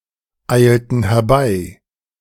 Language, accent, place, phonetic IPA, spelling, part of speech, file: German, Germany, Berlin, [ˌaɪ̯ltn̩ hɛɐ̯ˈbaɪ̯], eilten herbei, verb, De-eilten herbei.ogg
- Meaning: inflection of herbeieilen: 1. first/third-person plural preterite 2. first/third-person plural subjunctive II